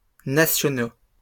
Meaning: masculine plural of national
- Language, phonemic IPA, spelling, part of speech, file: French, /na.sjɔ.no/, nationaux, adjective, LL-Q150 (fra)-nationaux.wav